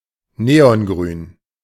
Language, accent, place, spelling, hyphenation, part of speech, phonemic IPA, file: German, Germany, Berlin, neongrün, ne‧on‧grün, adjective, /ˈneːɔnˌɡʁyːn/, De-neongrün.ogg
- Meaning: bright green (like a neon sign)